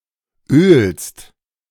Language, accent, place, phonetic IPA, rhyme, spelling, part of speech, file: German, Germany, Berlin, [øːlst], -øːlst, ölst, verb, De-ölst.ogg
- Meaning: second-person singular present of ölen